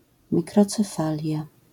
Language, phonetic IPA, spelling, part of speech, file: Polish, [ˌmʲikrɔt͡sɛˈfalʲja], mikrocefalia, noun, LL-Q809 (pol)-mikrocefalia.wav